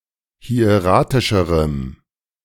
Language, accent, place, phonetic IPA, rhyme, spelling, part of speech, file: German, Germany, Berlin, [hi̯eˈʁaːtɪʃəʁəm], -aːtɪʃəʁəm, hieratischerem, adjective, De-hieratischerem.ogg
- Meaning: strong dative masculine/neuter singular comparative degree of hieratisch